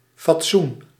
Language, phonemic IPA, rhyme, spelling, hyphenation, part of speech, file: Dutch, /fɑtˈsun/, -un, fatsoen, fat‧soen, noun, Nl-fatsoen.ogg
- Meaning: 1. decency, propriety 2. model, design, shape